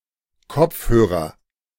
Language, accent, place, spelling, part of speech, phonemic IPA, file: German, Germany, Berlin, Kopfhörer, noun, /ˈkɔpfˌhøːʁɐ/, De-Kopfhörer.ogg
- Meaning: headphones